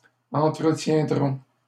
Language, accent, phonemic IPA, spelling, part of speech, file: French, Canada, /ɑ̃.tʁə.tjɛ̃.dʁɔ̃/, entretiendront, verb, LL-Q150 (fra)-entretiendront.wav
- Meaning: third-person plural simple future of entretenir